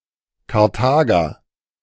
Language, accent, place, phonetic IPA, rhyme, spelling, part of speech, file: German, Germany, Berlin, [kaʁˈtaːɡɐ], -aːɡɐ, Karthager, noun, De-Karthager.ogg
- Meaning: Carthaginian, person from Carthage